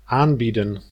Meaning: 1. to offer 2. to offer oneself, to volunteer, (in sexual contexts) to solicit
- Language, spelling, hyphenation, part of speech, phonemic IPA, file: Dutch, aanbieden, aan‧bie‧den, verb, /ˈaːnˌbidə(n)/, Nl-aanbieden.ogg